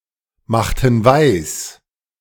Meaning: inflection of weismachen: 1. first/third-person plural preterite 2. first/third-person plural subjunctive II
- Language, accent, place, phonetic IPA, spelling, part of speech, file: German, Germany, Berlin, [ˌmaxtn̩ ˈvaɪ̯s], machten weis, verb, De-machten weis.ogg